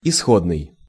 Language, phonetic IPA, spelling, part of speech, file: Russian, [ɪˈsxodnɨj], исходный, adjective, Ru-исходный.ogg
- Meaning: original, initial, starting